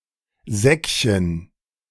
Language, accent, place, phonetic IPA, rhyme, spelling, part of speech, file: German, Germany, Berlin, [ˈzɛkçən], -ɛkçən, Säckchen, noun, De-Säckchen.ogg
- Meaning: Diminutive of Sack